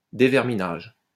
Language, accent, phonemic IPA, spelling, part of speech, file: French, France, /de.vɛʁ.mi.naʒ/, déverminage, noun, LL-Q150 (fra)-déverminage.wav
- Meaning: burn-in